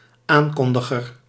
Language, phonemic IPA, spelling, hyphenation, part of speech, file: Dutch, /ˈaːnˌkɔn.də.ɣər/, aankondiger, aan‧kon‧di‧ger, noun, Nl-aankondiger.ogg
- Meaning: an announcer, someone who announces